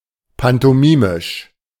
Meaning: pantomimic
- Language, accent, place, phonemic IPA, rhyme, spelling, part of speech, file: German, Germany, Berlin, /pantɔˈmɪmɪʃ/, -ɪʃ, pantomimisch, adjective, De-pantomimisch.ogg